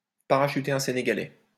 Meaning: to take a dump, to drop a deuce
- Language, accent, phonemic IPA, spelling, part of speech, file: French, France, /pa.ʁa.ʃy.te œ̃ se.ne.ɡa.lɛ/, parachuter un Sénégalais, verb, LL-Q150 (fra)-parachuter un Sénégalais.wav